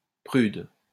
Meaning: prude
- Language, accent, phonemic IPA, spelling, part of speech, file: French, France, /pʁyd/, prude, adjective, LL-Q150 (fra)-prude.wav